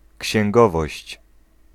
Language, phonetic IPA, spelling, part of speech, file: Polish, [cɕɛ̃ŋˈɡɔvɔɕt͡ɕ], księgowość, noun, Pl-księgowość.ogg